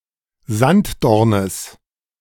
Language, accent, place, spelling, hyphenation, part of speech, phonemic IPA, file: German, Germany, Berlin, Sanddornes, Sand‧dor‧nes, noun, /ˈzant.dɔʁnəs/, De-Sanddornes.ogg
- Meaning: genitive singular of Sanddorn